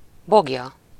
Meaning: stack, rick (a round pile of hay or straw)
- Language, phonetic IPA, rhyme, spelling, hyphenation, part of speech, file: Hungarian, [ˈboɡjɒ], -jɒ, boglya, bog‧lya, noun, Hu-boglya.ogg